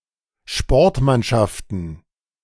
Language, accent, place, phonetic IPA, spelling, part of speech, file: German, Germany, Berlin, [ˈʃpɔʁtˌmanʃaftn̩], Sportmannschaften, noun, De-Sportmannschaften.ogg
- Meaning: plural of Sportmannschaft